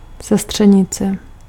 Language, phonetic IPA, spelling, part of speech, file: Czech, [ˈsɛstr̝̊ɛɲɪt͡sɛ], sestřenice, noun, Cs-sestřenice.ogg
- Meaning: cousin, female first cousin (daughter of a person's uncle or aunt)